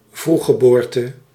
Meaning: premature birth
- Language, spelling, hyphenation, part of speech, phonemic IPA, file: Dutch, vroeggeboorte, vroeg‧ge‧boor‧te, noun, /ˈvru.xəˌboːr.tə/, Nl-vroeggeboorte.ogg